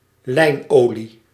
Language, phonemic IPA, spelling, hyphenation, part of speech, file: Dutch, /ˈlɛi̯nˌoː.li/, lijnolie, lijn‧olie, noun, Nl-lijnolie.ogg
- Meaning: linseed oil